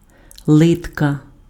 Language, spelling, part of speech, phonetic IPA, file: Ukrainian, литка, noun, [ˈɫɪtkɐ], Uk-литка.ogg
- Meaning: calf (back of the leg below the knee)